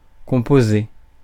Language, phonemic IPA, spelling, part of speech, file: French, /kɔ̃.po.ze/, composé, verb / noun, Fr-composé.ogg
- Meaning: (verb) past participle of composer; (noun) compound